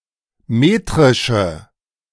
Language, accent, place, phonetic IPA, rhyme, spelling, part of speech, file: German, Germany, Berlin, [ˈmeːtʁɪʃə], -eːtʁɪʃə, metrische, adjective, De-metrische.ogg
- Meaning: inflection of metrisch: 1. strong/mixed nominative/accusative feminine singular 2. strong nominative/accusative plural 3. weak nominative all-gender singular